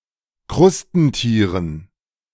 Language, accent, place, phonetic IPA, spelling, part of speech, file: German, Germany, Berlin, [ˈkʁʊstn̩ˌtiːʁən], Krustentieren, noun, De-Krustentieren.ogg
- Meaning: dative plural of Krustentier